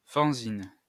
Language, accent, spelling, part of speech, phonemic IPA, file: French, France, fanzine, noun, /fan.zin/, LL-Q150 (fra)-fanzine.wav
- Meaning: fanzine